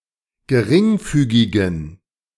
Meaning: inflection of geringfügig: 1. strong genitive masculine/neuter singular 2. weak/mixed genitive/dative all-gender singular 3. strong/weak/mixed accusative masculine singular 4. strong dative plural
- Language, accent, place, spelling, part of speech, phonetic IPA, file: German, Germany, Berlin, geringfügigen, adjective, [ɡəˈʁɪŋˌfyːɡɪɡn̩], De-geringfügigen.ogg